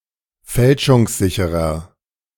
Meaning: 1. comparative degree of fälschungssicher 2. inflection of fälschungssicher: strong/mixed nominative masculine singular 3. inflection of fälschungssicher: strong genitive/dative feminine singular
- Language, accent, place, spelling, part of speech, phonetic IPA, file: German, Germany, Berlin, fälschungssicherer, adjective, [ˈfɛlʃʊŋsˌzɪçəʁɐ], De-fälschungssicherer.ogg